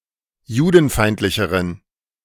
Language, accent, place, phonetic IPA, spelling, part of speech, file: German, Germany, Berlin, [ˈjuːdn̩ˌfaɪ̯ntlɪçəʁən], judenfeindlicheren, adjective, De-judenfeindlicheren.ogg
- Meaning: inflection of judenfeindlich: 1. strong genitive masculine/neuter singular comparative degree 2. weak/mixed genitive/dative all-gender singular comparative degree